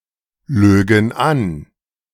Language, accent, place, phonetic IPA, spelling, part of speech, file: German, Germany, Berlin, [ˌløːɡŋ̩ ˈan], lögen an, verb, De-lögen an.ogg
- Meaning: first-person plural subjunctive II of anlügen